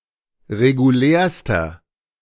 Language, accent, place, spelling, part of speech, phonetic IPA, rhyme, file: German, Germany, Berlin, regulärster, adjective, [ʁeɡuˈlɛːɐ̯stɐ], -ɛːɐ̯stɐ, De-regulärster.ogg
- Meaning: inflection of regulär: 1. strong/mixed nominative masculine singular superlative degree 2. strong genitive/dative feminine singular superlative degree 3. strong genitive plural superlative degree